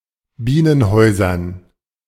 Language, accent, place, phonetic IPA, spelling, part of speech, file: German, Germany, Berlin, [ˈbiːnənˌhɔɪ̯zɐn], Bienenhäusern, noun, De-Bienenhäusern.ogg
- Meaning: dative plural of Bienenhaus